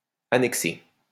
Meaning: masculine plural of annexé
- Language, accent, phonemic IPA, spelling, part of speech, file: French, France, /a.nɛk.se/, annexés, verb, LL-Q150 (fra)-annexés.wav